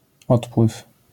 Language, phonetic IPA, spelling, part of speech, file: Polish, [ˈɔtpwɨf], odpływ, noun, LL-Q809 (pol)-odpływ.wav